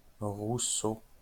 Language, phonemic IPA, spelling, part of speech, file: French, /ʁu.so/, Rousseau, proper noun, LL-Q150 (fra)-Rousseau.wav
- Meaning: 1. a surname 2. Jean-Jacques Rousseau (Genevan philosopher)